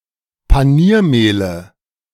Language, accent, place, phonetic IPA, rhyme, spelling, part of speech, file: German, Germany, Berlin, [paˈniːɐ̯ˌmeːlə], -iːɐ̯meːlə, Paniermehle, noun, De-Paniermehle.ogg
- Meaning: nominative/accusative/genitive plural of Paniermehl